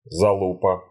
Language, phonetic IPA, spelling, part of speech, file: Russian, [zɐˈɫupə], залупа, noun, Ru-залупа.ogg
- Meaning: 1. dickhead, bell-end (body part) 2. an unpleasant person, bell-end, dickhead 3. nothing, fuck all